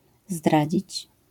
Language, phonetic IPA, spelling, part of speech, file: Polish, [ˈzdrad͡ʑit͡ɕ], zdradzić, verb, LL-Q809 (pol)-zdradzić.wav